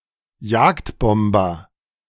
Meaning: fighter-bomber
- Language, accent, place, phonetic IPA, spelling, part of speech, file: German, Germany, Berlin, [ˈjaːktˌbɔmbɐ], Jagdbomber, noun, De-Jagdbomber.ogg